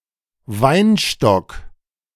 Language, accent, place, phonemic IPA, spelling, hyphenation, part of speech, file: German, Germany, Berlin, /ˈvaɪ̯nˌʃtɔk/, Weinstock, Wein‧stock, noun, De-Weinstock.ogg
- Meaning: grapevine